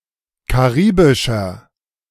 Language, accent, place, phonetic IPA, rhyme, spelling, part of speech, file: German, Germany, Berlin, [kaˈʁiːbɪʃɐ], -iːbɪʃɐ, karibischer, adjective, De-karibischer.ogg
- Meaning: inflection of karibisch: 1. strong/mixed nominative masculine singular 2. strong genitive/dative feminine singular 3. strong genitive plural